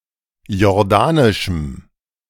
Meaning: strong dative masculine/neuter singular of jordanisch
- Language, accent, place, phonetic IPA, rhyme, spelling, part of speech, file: German, Germany, Berlin, [jɔʁˈdaːnɪʃm̩], -aːnɪʃm̩, jordanischem, adjective, De-jordanischem.ogg